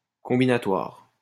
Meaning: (adjective) combinatory; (noun) combinatorics
- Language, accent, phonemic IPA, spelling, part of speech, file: French, France, /kɔ̃.bi.na.twaʁ/, combinatoire, adjective / noun, LL-Q150 (fra)-combinatoire.wav